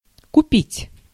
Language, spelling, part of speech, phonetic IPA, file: Russian, купить, verb, [kʊˈpʲitʲ], Ru-купить.ogg
- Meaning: to buy, to purchase